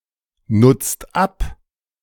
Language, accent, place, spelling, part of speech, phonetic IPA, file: German, Germany, Berlin, nutzt ab, verb, [ˌnʊt͡st ˈap], De-nutzt ab.ogg
- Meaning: inflection of abnutzen: 1. second-person plural present 2. third-person singular present 3. plural imperative